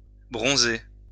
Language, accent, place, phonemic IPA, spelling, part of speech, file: French, France, Lyon, /bʁɔ̃.ze/, bronzer, verb, LL-Q150 (fra)-bronzer.wav
- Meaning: 1. to bronze (plate with bronze) 2. to tan, bronze 3. to tan, bronze, catch a tan